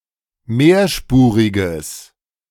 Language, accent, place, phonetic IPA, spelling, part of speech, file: German, Germany, Berlin, [ˈmeːɐ̯ˌʃpuːʁɪɡəs], mehrspuriges, adjective, De-mehrspuriges.ogg
- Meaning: strong/mixed nominative/accusative neuter singular of mehrspurig